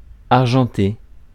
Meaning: to silverplate
- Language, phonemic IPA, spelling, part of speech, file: French, /aʁ.ʒɑ̃.te/, argenter, verb, Fr-argenter.ogg